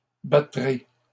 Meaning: first-person singular future of battre
- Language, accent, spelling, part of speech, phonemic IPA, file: French, Canada, battrai, verb, /ba.tʁe/, LL-Q150 (fra)-battrai.wav